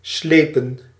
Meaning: 1. to drag, tow 2. to slide 3. inflection of slijpen: plural past indicative 4. inflection of slijpen: plural past subjunctive
- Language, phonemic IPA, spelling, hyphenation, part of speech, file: Dutch, /ˈsleː.pə(n)/, slepen, sle‧pen, verb, Nl-slepen.ogg